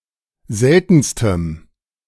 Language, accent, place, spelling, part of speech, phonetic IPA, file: German, Germany, Berlin, seltenstem, adjective, [ˈzɛltn̩stəm], De-seltenstem.ogg
- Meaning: strong dative masculine/neuter singular superlative degree of selten